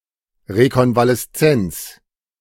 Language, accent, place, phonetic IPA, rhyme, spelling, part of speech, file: German, Germany, Berlin, [ʁekɔnvalɛsˈt͡sɛnt͡s], -ɛnt͡s, Rekonvaleszenz, noun, De-Rekonvaleszenz.ogg
- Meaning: convalescence